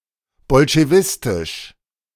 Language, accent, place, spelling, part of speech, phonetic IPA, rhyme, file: German, Germany, Berlin, bolschewistisch, adjective, [bɔlʃeˈvɪstɪʃ], -ɪstɪʃ, De-bolschewistisch.ogg
- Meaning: Bolshevik